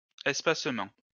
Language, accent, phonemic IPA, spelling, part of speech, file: French, France, /ɛs.pas.mɑ̃/, espacement, noun, LL-Q150 (fra)-espacement.wav
- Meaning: spacing (out)